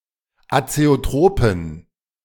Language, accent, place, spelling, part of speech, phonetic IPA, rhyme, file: German, Germany, Berlin, azeotropen, adjective, [at͡seoˈtʁoːpn̩], -oːpn̩, De-azeotropen.ogg
- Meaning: inflection of azeotrop: 1. strong genitive masculine/neuter singular 2. weak/mixed genitive/dative all-gender singular 3. strong/weak/mixed accusative masculine singular 4. strong dative plural